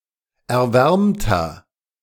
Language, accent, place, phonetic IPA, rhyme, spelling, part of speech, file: German, Germany, Berlin, [ɛɐ̯ˈvɛʁmtɐ], -ɛʁmtɐ, erwärmter, adjective, De-erwärmter.ogg
- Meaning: inflection of erwärmt: 1. strong/mixed nominative masculine singular 2. strong genitive/dative feminine singular 3. strong genitive plural